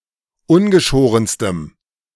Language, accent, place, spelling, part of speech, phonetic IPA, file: German, Germany, Berlin, ungeschorenstem, adjective, [ˈʊnɡəˌʃoːʁənstəm], De-ungeschorenstem.ogg
- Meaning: strong dative masculine/neuter singular superlative degree of ungeschoren